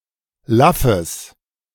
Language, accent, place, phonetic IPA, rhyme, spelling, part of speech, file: German, Germany, Berlin, [ˈlafəs], -afəs, laffes, adjective, De-laffes.ogg
- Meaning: strong/mixed nominative/accusative neuter singular of laff